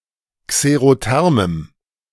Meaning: strong dative masculine/neuter singular of xerotherm
- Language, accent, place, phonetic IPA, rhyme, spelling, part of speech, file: German, Germany, Berlin, [kseʁoˈtɛʁməm], -ɛʁməm, xerothermem, adjective, De-xerothermem.ogg